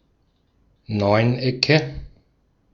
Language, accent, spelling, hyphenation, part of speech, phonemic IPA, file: German, Austria, Neunecke, Neun‧ecke, noun, /ˈnɔɪ̯nˌ.ɛkə/, De-at-Neunecke.ogg
- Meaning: nominative/accusative/genitive plural of Neuneck